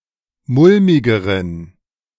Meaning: inflection of mulmig: 1. strong genitive masculine/neuter singular comparative degree 2. weak/mixed genitive/dative all-gender singular comparative degree
- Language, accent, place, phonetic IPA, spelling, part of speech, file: German, Germany, Berlin, [ˈmʊlmɪɡəʁən], mulmigeren, adjective, De-mulmigeren.ogg